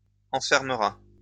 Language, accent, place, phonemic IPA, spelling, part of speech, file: French, France, Lyon, /ɑ̃.fɛʁ.mə.ʁa/, enfermera, verb, LL-Q150 (fra)-enfermera.wav
- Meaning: third-person singular future of enfermer